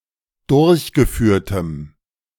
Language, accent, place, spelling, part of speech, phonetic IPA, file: German, Germany, Berlin, durchgeführtem, adjective, [ˈdʊʁçɡəˌfyːɐ̯təm], De-durchgeführtem.ogg
- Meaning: strong dative masculine/neuter singular of durchgeführt